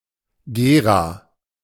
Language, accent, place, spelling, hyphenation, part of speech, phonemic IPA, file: German, Germany, Berlin, Gera, Ge‧ra, proper noun, /ˈɡeːʁa/, De-Gera.ogg
- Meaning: Gera (an independent town in Thuringia, Germany)